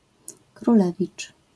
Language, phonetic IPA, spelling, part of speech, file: Polish, [kruˈlɛvʲit͡ʃ], królewicz, noun, LL-Q809 (pol)-królewicz.wav